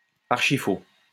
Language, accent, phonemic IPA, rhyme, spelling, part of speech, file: French, France, /aʁ.ʃi.fo/, -o, archifaux, adjective, LL-Q150 (fra)-archifaux.wav
- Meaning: dead wrong, extremely wrong, completely untrue